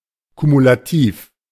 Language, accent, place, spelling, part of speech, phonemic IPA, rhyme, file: German, Germany, Berlin, kumulativ, adjective, /kumulaˈtiːf/, -iːf, De-kumulativ.ogg
- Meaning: cumulative